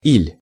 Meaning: a shortened version of и́ли (íli): or, or else, either
- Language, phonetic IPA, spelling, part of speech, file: Russian, [ilʲ], иль, conjunction, Ru-иль.ogg